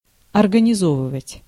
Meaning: to organise, to arrange (to set up, organise)
- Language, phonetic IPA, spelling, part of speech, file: Russian, [ɐrɡənʲɪˈzovɨvətʲ], организовывать, verb, Ru-организовывать.ogg